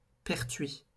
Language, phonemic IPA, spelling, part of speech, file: French, /pɛʁ.tɥi/, pertuis, noun, LL-Q150 (fra)-pertuis.wav
- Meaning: 1. hole 2. narrows; strait